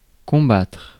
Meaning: 1. to fight, to combat (against) 2. to oppose, to struggle
- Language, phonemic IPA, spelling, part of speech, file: French, /kɔ̃.batʁ/, combattre, verb, Fr-combattre.ogg